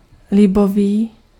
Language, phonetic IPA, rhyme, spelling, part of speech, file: Czech, [ˈlɪboviː], -oviː, libový, adjective, Cs-libový.ogg
- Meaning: lean, unfatty (meat)